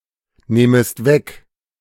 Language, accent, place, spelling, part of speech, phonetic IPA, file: German, Germany, Berlin, nähmest weg, verb, [ˌnɛːməst ˈvɛk], De-nähmest weg.ogg
- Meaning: second-person singular subjunctive II of wegnehmen